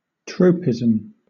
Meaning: The turning of an organism (chiefly a plant) or part of an organism either towards or away from a stimulus; (countable) an instance of this
- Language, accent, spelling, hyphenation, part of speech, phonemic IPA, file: English, Southern England, tropism, trop‧i‧sm, noun, /ˈtɹəʊpɪz(ə)m/, LL-Q1860 (eng)-tropism.wav